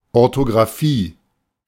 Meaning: orthography, correct spelling
- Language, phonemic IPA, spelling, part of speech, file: German, /ˌɔʁtoɡʁaˈfiː/, Orthographie, noun, De-Orthographie.oga